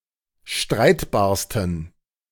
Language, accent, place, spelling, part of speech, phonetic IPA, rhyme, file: German, Germany, Berlin, streitbarsten, adjective, [ˈʃtʁaɪ̯tbaːɐ̯stn̩], -aɪ̯tbaːɐ̯stn̩, De-streitbarsten.ogg
- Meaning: 1. superlative degree of streitbar 2. inflection of streitbar: strong genitive masculine/neuter singular superlative degree